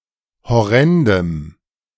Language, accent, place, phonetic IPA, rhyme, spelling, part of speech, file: German, Germany, Berlin, [hɔˈʁɛndəm], -ɛndəm, horrendem, adjective, De-horrendem.ogg
- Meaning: strong dative masculine/neuter singular of horrend